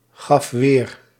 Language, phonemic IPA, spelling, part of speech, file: Dutch, /ˈɣɑf ˈwer/, gaf weer, verb, Nl-gaf weer.ogg
- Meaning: singular past indicative of weergeven